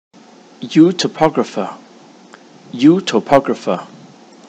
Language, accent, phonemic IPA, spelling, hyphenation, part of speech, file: English, Received Pronunciation, /ˌjuː.tə(ʊ)ˈpɒɡ.ɹə.fə/, utopographer, uto‧po‧graph‧er, noun, En-uk-utopographer.ogg
- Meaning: One who describes a utopia